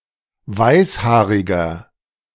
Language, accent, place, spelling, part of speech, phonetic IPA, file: German, Germany, Berlin, weißhaariger, adjective, [ˈvaɪ̯sˌhaːʁɪɡɐ], De-weißhaariger.ogg
- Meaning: inflection of weißhaarig: 1. strong/mixed nominative masculine singular 2. strong genitive/dative feminine singular 3. strong genitive plural